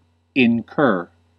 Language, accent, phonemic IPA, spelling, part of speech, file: English, US, /ɪnˈkɝ/, incur, verb, En-us-incur.ogg
- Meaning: To bring upon oneself or expose oneself to, especially something inconvenient, harmful, or onerous; to become liable or subject to